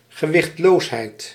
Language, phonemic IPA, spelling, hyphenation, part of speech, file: Dutch, /ɣəˈʋɪxtˌloːs.ɦɛi̯t/, gewichtloosheid, ge‧wicht‧loos‧heid, noun, Nl-gewichtloosheid.ogg
- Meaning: weightlessness